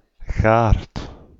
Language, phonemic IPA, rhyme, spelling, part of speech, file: Dutch, /ɣaːrt/, -aːrt, gaard, noun, Nl-gaard.ogg
- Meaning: garden, yard